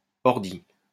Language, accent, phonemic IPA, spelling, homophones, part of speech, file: French, France, /ɔʁ.di/, ordi, ordis, noun, LL-Q150 (fra)-ordi.wav
- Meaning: 1. computer; comp, puter 2. CPU (character or entity controlled by the game software)